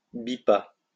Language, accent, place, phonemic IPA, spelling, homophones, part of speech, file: French, France, Lyon, /bi.pa/, bipa, bipas / bipât, verb, LL-Q150 (fra)-bipa.wav
- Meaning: third-person singular past historic of biper